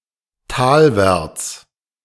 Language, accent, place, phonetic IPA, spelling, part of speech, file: German, Germany, Berlin, [ˈtaːlvɛʁt͡s], talwärts, adverb, De-talwärts.ogg
- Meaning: 1. toward a or the valley 2. downward